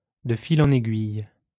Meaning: one thing leading to another
- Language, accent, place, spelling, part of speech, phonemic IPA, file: French, France, Lyon, de fil en aiguille, adverb, /də fi.l‿ɑ̃.n‿e.ɡɥij/, LL-Q150 (fra)-de fil en aiguille.wav